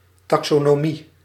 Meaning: taxonomy
- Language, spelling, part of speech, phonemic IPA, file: Dutch, taxonomie, noun, /ˌtɑksonoˈmi/, Nl-taxonomie.ogg